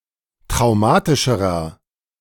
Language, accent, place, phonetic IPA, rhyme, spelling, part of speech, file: German, Germany, Berlin, [tʁaʊ̯ˈmaːtɪʃəʁɐ], -aːtɪʃəʁɐ, traumatischerer, adjective, De-traumatischerer.ogg
- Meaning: inflection of traumatisch: 1. strong/mixed nominative masculine singular comparative degree 2. strong genitive/dative feminine singular comparative degree 3. strong genitive plural comparative degree